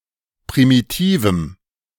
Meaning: strong dative masculine/neuter singular of primitiv
- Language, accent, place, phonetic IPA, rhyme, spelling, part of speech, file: German, Germany, Berlin, [pʁimiˈtiːvm̩], -iːvm̩, primitivem, adjective, De-primitivem.ogg